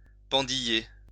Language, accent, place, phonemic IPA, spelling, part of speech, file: French, France, Lyon, /pɑ̃.di.je/, pendiller, verb, LL-Q150 (fra)-pendiller.wav
- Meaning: to dangle